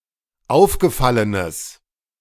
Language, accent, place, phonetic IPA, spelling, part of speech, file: German, Germany, Berlin, [ˈaʊ̯fɡəˌfalənəs], aufgefallenes, adjective, De-aufgefallenes.ogg
- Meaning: strong/mixed nominative/accusative neuter singular of aufgefallen